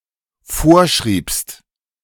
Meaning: second-person singular dependent preterite of vorschreiben
- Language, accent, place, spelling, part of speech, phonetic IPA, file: German, Germany, Berlin, vorschriebst, verb, [ˈfoːɐ̯ˌʃʁiːpst], De-vorschriebst.ogg